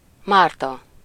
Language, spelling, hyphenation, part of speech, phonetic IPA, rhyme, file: Hungarian, Márta, Már‧ta, proper noun, [ˈmaːrtɒ], -tɒ, Hu-Márta.ogg
- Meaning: a female given name, equivalent to English Martha